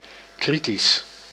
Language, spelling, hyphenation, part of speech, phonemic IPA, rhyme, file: Dutch, kritisch, kri‧tisch, adjective, /ˈkri.tis/, -is, Nl-kritisch.ogg
- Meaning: critical (expressing criticism, pertaining to criticism or critique)